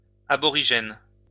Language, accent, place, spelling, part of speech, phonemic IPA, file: French, France, Lyon, aborigènes, adjective, /a.bɔ.ʁi.ʒɛn/, LL-Q150 (fra)-aborigènes.wav
- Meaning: plural of aborigène